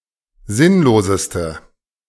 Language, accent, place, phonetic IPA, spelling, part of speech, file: German, Germany, Berlin, [ˈzɪnloːzəstə], sinnloseste, adjective, De-sinnloseste.ogg
- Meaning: inflection of sinnlos: 1. strong/mixed nominative/accusative feminine singular superlative degree 2. strong nominative/accusative plural superlative degree